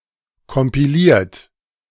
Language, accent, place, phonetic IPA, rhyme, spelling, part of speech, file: German, Germany, Berlin, [kɔmpiˈliːɐ̯t], -iːɐ̯t, kompiliert, verb, De-kompiliert.ogg
- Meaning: 1. past participle of kompilieren 2. inflection of kompilieren: third-person singular present 3. inflection of kompilieren: second-person plural present 4. inflection of kompilieren: plural imperative